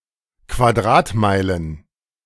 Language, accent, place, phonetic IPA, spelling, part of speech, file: German, Germany, Berlin, [kvaˈdʁaːtˌmaɪ̯lən], Quadratmeilen, noun, De-Quadratmeilen.ogg
- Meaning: plural of Quadratmeile